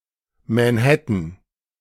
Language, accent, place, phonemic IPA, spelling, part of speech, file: German, Germany, Berlin, /mɛ(ː)nˈhɛtən/, Manhattan, proper noun / noun, De-Manhattan.ogg
- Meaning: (proper noun) Manhattan (a borough and island of New York City, New York, United States); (noun) Manhattan (cocktail)